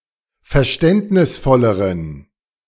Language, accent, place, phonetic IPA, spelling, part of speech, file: German, Germany, Berlin, [fɛɐ̯ˈʃtɛntnɪsˌfɔləʁən], verständnisvolleren, adjective, De-verständnisvolleren.ogg
- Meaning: inflection of verständnisvoll: 1. strong genitive masculine/neuter singular comparative degree 2. weak/mixed genitive/dative all-gender singular comparative degree